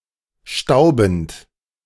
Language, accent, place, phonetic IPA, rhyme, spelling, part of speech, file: German, Germany, Berlin, [ˈʃtaʊ̯bn̩t], -aʊ̯bn̩t, staubend, verb, De-staubend.ogg
- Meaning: present participle of stauben